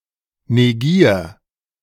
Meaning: 1. singular imperative of negieren 2. first-person singular present of negieren
- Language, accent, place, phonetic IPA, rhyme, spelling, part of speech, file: German, Germany, Berlin, [neˈɡiːɐ̯], -iːɐ̯, negier, verb, De-negier.ogg